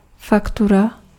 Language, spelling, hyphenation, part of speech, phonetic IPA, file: Czech, faktura, fak‧tu‧ra, noun, [ˈfaktura], Cs-faktura.ogg
- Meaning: invoice